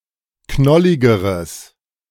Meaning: strong/mixed nominative/accusative neuter singular comparative degree of knollig
- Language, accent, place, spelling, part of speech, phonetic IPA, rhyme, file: German, Germany, Berlin, knolligeres, adjective, [ˈknɔlɪɡəʁəs], -ɔlɪɡəʁəs, De-knolligeres.ogg